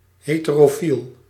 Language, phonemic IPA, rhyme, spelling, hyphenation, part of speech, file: Dutch, /ˌɦeː.tə.roːˈfil/, -il, heterofiel, he‧te‧ro‧fiel, adjective / noun, Nl-heterofiel.ogg
- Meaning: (adjective) heterosexual; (noun) a heterosexual